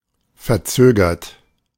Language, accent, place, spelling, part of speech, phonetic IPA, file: German, Germany, Berlin, verzögert, adjective / verb, [fɛɐ̯ˈt͡søːɡɐt], De-verzögert.ogg
- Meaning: 1. past participle of verzögern 2. inflection of verzögern: third-person singular present 3. inflection of verzögern: second-person plural present 4. inflection of verzögern: plural imperative